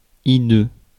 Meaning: grotesque; vile; hideous
- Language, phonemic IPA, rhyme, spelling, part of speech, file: French, /i.dø/, -ø, hideux, adjective, Fr-hideux.ogg